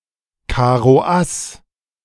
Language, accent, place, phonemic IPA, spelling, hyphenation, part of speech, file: German, Germany, Berlin, /ˌkaːʁoˈʔas/, Karoass, Ka‧ro‧ass, noun, De-Karoass.ogg
- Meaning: ace of diamonds